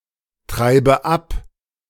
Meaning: inflection of abtreiben: 1. first-person singular present 2. first/third-person singular subjunctive I 3. singular imperative
- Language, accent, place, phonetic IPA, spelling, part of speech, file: German, Germany, Berlin, [ˌtʁaɪ̯bə ˈap], treibe ab, verb, De-treibe ab.ogg